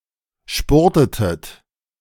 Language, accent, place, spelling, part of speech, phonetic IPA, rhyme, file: German, Germany, Berlin, spurtetet, verb, [ˈʃpʊʁtətət], -ʊʁtətət, De-spurtetet.ogg
- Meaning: inflection of spurten: 1. second-person plural preterite 2. second-person plural subjunctive II